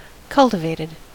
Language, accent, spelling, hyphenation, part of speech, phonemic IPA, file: English, US, cultivated, cul‧ti‧vat‧ed, adjective / verb, /ˈkʌltɪveɪtɪd/, En-us-cultivated.ogg
- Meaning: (adjective) 1. Of a person, cultured, refined, educated 2. Of a plant, grown by cultivation (not wild) 3. Of land, farmed; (verb) simple past and past participle of cultivate